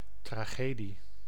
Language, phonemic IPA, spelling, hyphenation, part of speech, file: Dutch, /traˈxedi/, tragedie, tra‧ge‧die, noun, Nl-tragedie.ogg
- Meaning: tragedy